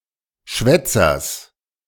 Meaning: genitive singular of Schwätzer
- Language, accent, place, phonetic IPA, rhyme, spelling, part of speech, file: German, Germany, Berlin, [ˈʃvɛt͡sɐs], -ɛt͡sɐs, Schwätzers, noun, De-Schwätzers.ogg